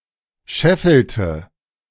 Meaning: inflection of scheffeln: 1. first/third-person singular preterite 2. first/third-person singular subjunctive II
- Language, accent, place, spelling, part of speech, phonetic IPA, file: German, Germany, Berlin, scheffelte, verb, [ˈʃɛfl̩tə], De-scheffelte.ogg